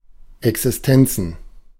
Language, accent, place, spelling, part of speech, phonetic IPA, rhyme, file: German, Germany, Berlin, Existenzen, noun, [ɛksɪsˈtɛnt͡sn̩], -ɛnt͡sn̩, De-Existenzen.ogg
- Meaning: plural of Existenz